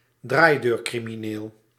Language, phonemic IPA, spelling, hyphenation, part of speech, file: Dutch, /ˈdraːi̯.døːr.kri.miˌneːl/, draaideurcrimineel, draai‧deur‧cri‧mi‧neel, noun, Nl-draaideurcrimineel.ogg
- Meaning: repeat offender